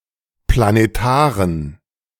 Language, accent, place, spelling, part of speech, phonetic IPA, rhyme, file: German, Germany, Berlin, planetaren, adjective, [planeˈtaːʁən], -aːʁən, De-planetaren.ogg
- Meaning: inflection of planetar: 1. strong genitive masculine/neuter singular 2. weak/mixed genitive/dative all-gender singular 3. strong/weak/mixed accusative masculine singular 4. strong dative plural